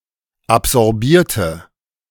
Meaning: inflection of absorbieren: 1. first/third-person singular preterite 2. first/third-person singular subjunctive II
- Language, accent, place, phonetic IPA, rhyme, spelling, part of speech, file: German, Germany, Berlin, [apzɔʁˈbiːɐ̯tə], -iːɐ̯tə, absorbierte, adjective / verb, De-absorbierte.ogg